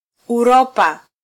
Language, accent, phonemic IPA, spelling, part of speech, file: Swahili, Kenya, /uˈɾɔ.pɑ/, Uropa, proper noun, Sw-ke-Uropa.flac
- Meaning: Europe (a continent located west of Asia and north of Africa)